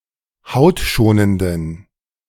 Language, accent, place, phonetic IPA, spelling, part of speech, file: German, Germany, Berlin, [ˈhaʊ̯tˌʃoːnəndn̩], hautschonenden, adjective, De-hautschonenden.ogg
- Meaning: inflection of hautschonend: 1. strong genitive masculine/neuter singular 2. weak/mixed genitive/dative all-gender singular 3. strong/weak/mixed accusative masculine singular 4. strong dative plural